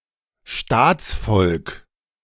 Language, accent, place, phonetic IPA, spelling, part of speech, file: German, Germany, Berlin, [ˈʃtaːt͡sˌfɔlk], Staatsvolk, noun, De-Staatsvolk.ogg
- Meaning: all the national subjects of a sovereign country